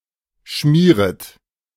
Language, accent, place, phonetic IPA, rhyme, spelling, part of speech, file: German, Germany, Berlin, [ˈʃmiːʁət], -iːʁət, schmieret, verb, De-schmieret.ogg
- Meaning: second-person plural subjunctive I of schmieren